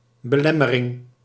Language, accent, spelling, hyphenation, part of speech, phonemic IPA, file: Dutch, Netherlands, belemmering, be‧lem‧me‧ring, noun, /bəˈlɛ.məˌrɪŋ/, Nl-belemmering.ogg
- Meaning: obstacle